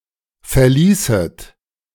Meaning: second-person plural subjunctive II of verlassen
- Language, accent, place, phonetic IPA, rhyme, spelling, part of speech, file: German, Germany, Berlin, [fɛɐ̯ˈliːsət], -iːsət, verließet, verb, De-verließet.ogg